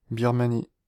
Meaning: Burma (a country in Southeast Asia)
- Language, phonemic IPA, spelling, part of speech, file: French, /biʁ.ma.ni/, Birmanie, proper noun, Fr-Birmanie.ogg